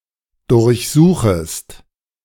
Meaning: second-person singular subjunctive I of durchsuchen
- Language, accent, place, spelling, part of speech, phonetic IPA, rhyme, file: German, Germany, Berlin, durchsuchest, verb, [dʊʁçˈzuːxəst], -uːxəst, De-durchsuchest.ogg